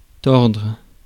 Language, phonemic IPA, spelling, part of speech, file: French, /tɔʁdʁ/, tordre, verb, Fr-tordre.ogg
- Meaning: 1. to twist; to bend 2. to wring 3. to writhe